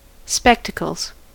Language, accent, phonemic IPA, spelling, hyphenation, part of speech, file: English, US, /ˈspɛktəkl̩z/, spectacles, spec‧ta‧cles, noun, En-us-spectacles.ogg
- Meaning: 1. plural of spectacle 2. A pair of lenses set in a frame worn on the nose and ears in order to correct deficiencies in eyesight or to ornament the face